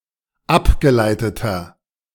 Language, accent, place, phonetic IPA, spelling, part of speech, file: German, Germany, Berlin, [ˈapɡəˌlaɪ̯tətɐ], abgeleiteter, adjective, De-abgeleiteter.ogg
- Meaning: inflection of abgeleitet: 1. strong/mixed nominative masculine singular 2. strong genitive/dative feminine singular 3. strong genitive plural